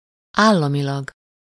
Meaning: state-, federally (by the state or government)
- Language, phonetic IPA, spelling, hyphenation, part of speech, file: Hungarian, [ˈaːlːɒmilɒɡ], államilag, ál‧la‧mi‧lag, adverb, Hu-államilag.ogg